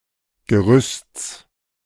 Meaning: genitive singular of Gerüst
- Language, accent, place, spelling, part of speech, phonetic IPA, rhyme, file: German, Germany, Berlin, Gerüsts, noun, [ɡəˈʁʏst͡s], -ʏst͡s, De-Gerüsts.ogg